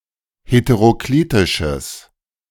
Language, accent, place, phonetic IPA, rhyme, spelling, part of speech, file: German, Germany, Berlin, [hetəʁoˈkliːtɪʃəs], -iːtɪʃəs, heteroklitisches, adjective, De-heteroklitisches.ogg
- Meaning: strong/mixed nominative/accusative neuter singular of heteroklitisch